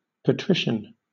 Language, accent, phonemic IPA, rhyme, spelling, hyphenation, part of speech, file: English, Southern England, /pəˈtɹɪʃən/, -ɪʃən, patrician, pa‧tri‧cian, noun / adjective, LL-Q1860 (eng)-patrician.wav